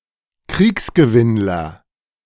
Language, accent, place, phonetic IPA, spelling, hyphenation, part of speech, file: German, Germany, Berlin, [ˈkʁiːksɡəˌvɪnlɐ], Kriegsgewinnler, Kriegs‧gewinn‧ler, noun, De-Kriegsgewinnler.ogg
- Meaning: war profiteer